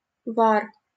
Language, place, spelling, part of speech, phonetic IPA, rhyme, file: Russian, Saint Petersburg, вар, noun, [var], -ar, LL-Q7737 (rus)-вар.wav
- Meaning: 1. tar, pitch 2. cobbler's wax 3. boiling water